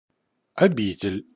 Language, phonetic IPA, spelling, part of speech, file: Russian, [ɐˈbʲitʲɪlʲ], обитель, noun, Ru-обитель.ogg
- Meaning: 1. abode, dwelling place 2. cloister, monastery